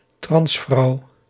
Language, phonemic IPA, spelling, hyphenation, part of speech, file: Dutch, /ˈtrɑns.frɑu̯/, transvrouw, trans‧vrouw, noun, Nl-transvrouw.ogg
- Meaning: trans woman